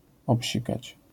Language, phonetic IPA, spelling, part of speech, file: Polish, [ɔpʲˈɕikat͡ɕ], obsikać, verb, LL-Q809 (pol)-obsikać.wav